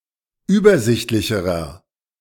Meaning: inflection of übersichtlich: 1. strong/mixed nominative masculine singular comparative degree 2. strong genitive/dative feminine singular comparative degree
- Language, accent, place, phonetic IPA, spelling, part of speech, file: German, Germany, Berlin, [ˈyːbɐˌzɪçtlɪçəʁɐ], übersichtlicherer, adjective, De-übersichtlicherer.ogg